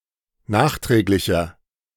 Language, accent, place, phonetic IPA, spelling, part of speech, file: German, Germany, Berlin, [ˈnaːxˌtʁɛːklɪçɐ], nachträglicher, adjective, De-nachträglicher.ogg
- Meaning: inflection of nachträglich: 1. strong/mixed nominative masculine singular 2. strong genitive/dative feminine singular 3. strong genitive plural